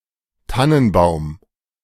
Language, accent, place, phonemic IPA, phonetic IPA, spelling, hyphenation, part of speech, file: German, Germany, Berlin, /ˈtanənˌbaʊ̯m/, [ˈtann̩ˌbaʊ̯m], Tannenbaum, Tan‧nen‧baum, noun, De-Tannenbaum.ogg
- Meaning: 1. fir tree 2. Christmas tree